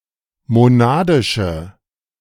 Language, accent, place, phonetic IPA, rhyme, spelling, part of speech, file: German, Germany, Berlin, [moˈnaːdɪʃə], -aːdɪʃə, monadische, adjective, De-monadische.ogg
- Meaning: inflection of monadisch: 1. strong/mixed nominative/accusative feminine singular 2. strong nominative/accusative plural 3. weak nominative all-gender singular